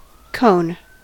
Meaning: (noun) A surface of revolution formed by rotating a segment of a line around another line that intersects the first line
- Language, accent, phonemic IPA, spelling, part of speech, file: English, US, /ˈkoʊn/, cone, noun / verb, En-us-cone.ogg